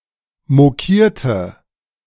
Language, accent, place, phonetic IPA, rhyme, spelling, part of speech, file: German, Germany, Berlin, [moˈkiːɐ̯tə], -iːɐ̯tə, mokierte, verb, De-mokierte.ogg
- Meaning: inflection of mokieren: 1. first/third-person singular preterite 2. first/third-person singular subjunctive II